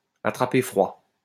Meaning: to catch a cold
- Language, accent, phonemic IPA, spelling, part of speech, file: French, France, /a.tʁa.pe fʁwa/, attraper froid, verb, LL-Q150 (fra)-attraper froid.wav